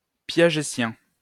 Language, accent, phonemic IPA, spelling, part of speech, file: French, France, /pja.ʒe.tjɛ̃/, piagétien, adjective, LL-Q150 (fra)-piagétien.wav
- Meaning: Piagetian